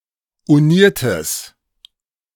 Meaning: strong/mixed nominative/accusative neuter singular of uniert
- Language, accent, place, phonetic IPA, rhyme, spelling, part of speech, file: German, Germany, Berlin, [uˈniːɐ̯təs], -iːɐ̯təs, uniertes, adjective, De-uniertes.ogg